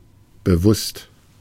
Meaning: 1. conscious, aware 2. intentional
- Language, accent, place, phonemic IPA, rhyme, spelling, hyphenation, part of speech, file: German, Germany, Berlin, /bəˈvʊst/, -ʊst, bewusst, be‧wusst, adjective, De-bewusst.ogg